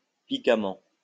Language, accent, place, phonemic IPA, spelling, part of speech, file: French, France, Lyon, /pi.ka.mɑ̃/, piquamment, adverb, LL-Q150 (fra)-piquamment.wav
- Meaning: piquantly